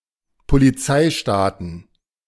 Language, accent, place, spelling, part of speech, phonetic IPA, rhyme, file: German, Germany, Berlin, Polizeistaaten, noun, [poliˈt͡saɪ̯ˌʃtaːtn̩], -aɪ̯ʃtaːtn̩, De-Polizeistaaten.ogg
- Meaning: plural of Polizeistaat